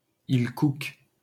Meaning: Cook Islands (an archipelago and self-governing country in Oceania, in free association with New Zealand)
- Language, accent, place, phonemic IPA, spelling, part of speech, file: French, France, Paris, /il kuk/, îles Cook, proper noun, LL-Q150 (fra)-îles Cook.wav